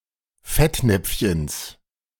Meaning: genitive of Fettnäpfchen
- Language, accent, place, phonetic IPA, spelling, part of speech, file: German, Germany, Berlin, [ˈfɛtˌnɛp͡fçəns], Fettnäpfchens, noun, De-Fettnäpfchens.ogg